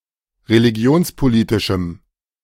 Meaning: strong dative masculine/neuter singular of religionspolitisch
- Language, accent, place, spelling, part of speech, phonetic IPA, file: German, Germany, Berlin, religionspolitischem, adjective, [ʁeliˈɡi̯oːnspoˌliːtɪʃm̩], De-religionspolitischem.ogg